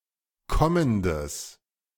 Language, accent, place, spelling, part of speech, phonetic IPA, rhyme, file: German, Germany, Berlin, kommendes, adjective, [ˈkɔməndəs], -ɔməndəs, De-kommendes.ogg
- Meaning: strong/mixed nominative/accusative neuter singular of kommend